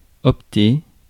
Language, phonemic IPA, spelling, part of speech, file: French, /ɔp.te/, opter, verb, Fr-opter.ogg
- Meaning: to opt